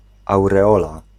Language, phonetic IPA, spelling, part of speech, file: Polish, [ˌawrɛˈɔla], aureola, noun, Pl-aureola.ogg